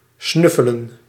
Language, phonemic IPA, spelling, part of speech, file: Dutch, /ˈsnʏfələ(n)/, snuffelen, verb, Nl-snuffelen.ogg
- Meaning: 1. to snuffle 2. to search for something haphazardly